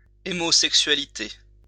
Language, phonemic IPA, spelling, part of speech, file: French, /sɛk.sɥa.li.te/, sexualité, noun, LL-Q150 (fra)-sexualité.wav
- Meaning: sexuality